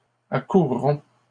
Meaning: third-person plural future of accourir
- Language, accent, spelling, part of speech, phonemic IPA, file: French, Canada, accourront, verb, /a.kuʁ.ʁɔ̃/, LL-Q150 (fra)-accourront.wav